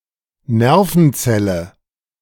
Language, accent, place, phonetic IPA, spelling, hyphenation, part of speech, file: German, Germany, Berlin, [ˈnɛʁfənˌt͡sɛlə], Nervenzelle, Ner‧ven‧zel‧le, noun, De-Nervenzelle.ogg
- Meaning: neuron